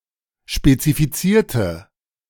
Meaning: inflection of spezifizieren: 1. first/third-person singular preterite 2. first/third-person singular subjunctive II
- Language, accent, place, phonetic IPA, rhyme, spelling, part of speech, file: German, Germany, Berlin, [ʃpet͡sifiˈt͡siːɐ̯tə], -iːɐ̯tə, spezifizierte, adjective / verb, De-spezifizierte.ogg